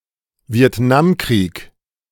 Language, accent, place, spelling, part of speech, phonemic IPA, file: German, Germany, Berlin, Vietnamkrieg, proper noun, /vi̯ɛtˈnaːmˌkʁiːk/, De-Vietnamkrieg.ogg
- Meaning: Vietnam War